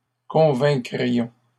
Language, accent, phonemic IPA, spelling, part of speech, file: French, Canada, /kɔ̃.vɛ̃.kʁi.jɔ̃/, convaincrions, verb, LL-Q150 (fra)-convaincrions.wav
- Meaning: first-person plural conditional of convaincre